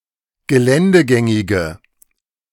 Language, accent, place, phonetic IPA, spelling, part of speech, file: German, Germany, Berlin, [ɡəˈlɛndəˌɡɛŋɪɡə], geländegängige, adjective, De-geländegängige.ogg
- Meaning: inflection of geländegängig: 1. strong/mixed nominative/accusative feminine singular 2. strong nominative/accusative plural 3. weak nominative all-gender singular